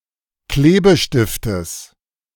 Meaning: genitive singular of Klebestift
- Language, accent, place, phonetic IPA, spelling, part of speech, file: German, Germany, Berlin, [ˈkleːbəˌʃtɪftəs], Klebestiftes, noun, De-Klebestiftes.ogg